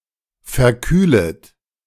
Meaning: second-person plural subjunctive I of verkühlen
- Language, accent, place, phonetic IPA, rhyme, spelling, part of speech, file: German, Germany, Berlin, [fɛɐ̯ˈkyːlət], -yːlət, verkühlet, verb, De-verkühlet.ogg